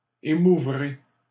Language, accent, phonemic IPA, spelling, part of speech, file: French, Canada, /e.mu.vʁe/, émouvrez, verb, LL-Q150 (fra)-émouvrez.wav
- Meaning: second-person plural future of émouvoir